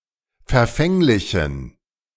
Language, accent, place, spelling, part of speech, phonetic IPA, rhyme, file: German, Germany, Berlin, verfänglichen, adjective, [fɛɐ̯ˈfɛŋlɪçn̩], -ɛŋlɪçn̩, De-verfänglichen.ogg
- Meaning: inflection of verfänglich: 1. strong genitive masculine/neuter singular 2. weak/mixed genitive/dative all-gender singular 3. strong/weak/mixed accusative masculine singular 4. strong dative plural